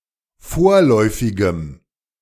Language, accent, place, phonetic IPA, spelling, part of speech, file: German, Germany, Berlin, [ˈfoːɐ̯lɔɪ̯fɪɡəm], vorläufigem, adjective, De-vorläufigem.ogg
- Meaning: strong dative masculine/neuter singular of vorläufig